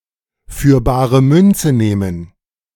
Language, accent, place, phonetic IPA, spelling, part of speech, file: German, Germany, Berlin, [fyːɐ̯ ˈbaːʁə ˈmʏnt͡sə ˈneːmən], für bare Münze nehmen, verb, De-für bare Münze nehmen.ogg
- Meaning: to take at face value, to take on faith